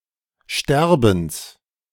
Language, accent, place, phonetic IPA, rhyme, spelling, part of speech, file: German, Germany, Berlin, [ˈʃtɛʁbn̩s], -ɛʁbn̩s, Sterbens, noun, De-Sterbens.ogg
- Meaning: genitive singular of Sterben